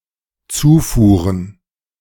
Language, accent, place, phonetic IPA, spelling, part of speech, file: German, Germany, Berlin, [ˈt͡suːˌfuːʁən], Zufuhren, noun, De-Zufuhren.ogg
- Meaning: plural of Zufuhr